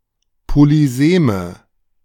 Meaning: inflection of polysem: 1. strong/mixed nominative/accusative feminine singular 2. strong nominative/accusative plural 3. weak nominative all-gender singular 4. weak accusative feminine/neuter singular
- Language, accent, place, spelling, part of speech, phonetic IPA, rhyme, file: German, Germany, Berlin, polyseme, adjective, [poliˈzeːmə], -eːmə, De-polyseme.ogg